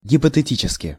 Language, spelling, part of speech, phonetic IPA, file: Russian, гипотетически, adverb, [ɡʲɪpətɨˈtʲit͡ɕɪskʲɪ], Ru-гипотетически.ogg
- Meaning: hypothetically